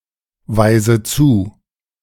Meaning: inflection of zuweisen: 1. first-person singular present 2. first/third-person singular subjunctive I 3. singular imperative
- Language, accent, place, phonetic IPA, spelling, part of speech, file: German, Germany, Berlin, [ˌvaɪ̯zə ˈt͡suː], weise zu, verb, De-weise zu.ogg